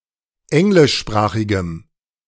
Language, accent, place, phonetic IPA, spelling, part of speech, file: German, Germany, Berlin, [ˈɛŋlɪʃˌʃpʁaːxɪɡəm], englischsprachigem, adjective, De-englischsprachigem.ogg
- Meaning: strong dative masculine/neuter singular of englischsprachig